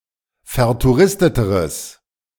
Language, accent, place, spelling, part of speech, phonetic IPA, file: German, Germany, Berlin, vertouristeteres, adjective, [fɛɐ̯tuˈʁɪstətəʁəs], De-vertouristeteres.ogg
- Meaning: strong/mixed nominative/accusative neuter singular comparative degree of vertouristet